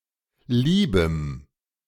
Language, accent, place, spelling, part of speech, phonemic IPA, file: German, Germany, Berlin, liebem, adjective, /ˈliːbəm/, De-liebem.ogg
- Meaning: strong dative masculine/neuter singular of lieb